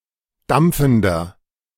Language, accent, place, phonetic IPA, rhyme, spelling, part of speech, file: German, Germany, Berlin, [ˈdamp͡fn̩dɐ], -amp͡fn̩dɐ, dampfender, adjective, De-dampfender.ogg
- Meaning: inflection of dampfend: 1. strong/mixed nominative masculine singular 2. strong genitive/dative feminine singular 3. strong genitive plural